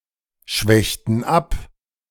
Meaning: inflection of abschwächen: 1. first/third-person plural preterite 2. first/third-person plural subjunctive II
- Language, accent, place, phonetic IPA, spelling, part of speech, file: German, Germany, Berlin, [ˌʃvɛçtn̩ ˈap], schwächten ab, verb, De-schwächten ab.ogg